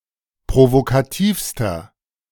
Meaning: inflection of provokativ: 1. strong/mixed nominative masculine singular superlative degree 2. strong genitive/dative feminine singular superlative degree 3. strong genitive plural superlative degree
- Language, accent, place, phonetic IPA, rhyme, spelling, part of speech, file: German, Germany, Berlin, [pʁovokaˈtiːfstɐ], -iːfstɐ, provokativster, adjective, De-provokativster.ogg